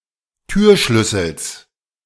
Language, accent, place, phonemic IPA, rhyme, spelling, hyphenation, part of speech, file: German, Germany, Berlin, /ˈtyːɐ̯ˌʃlʏsl̩s/, -ʏsl̩s, Türschlüssels, Tür‧schlüs‧sels, noun, De-Türschlüssels.ogg
- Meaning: genitive singular of Türschlüssel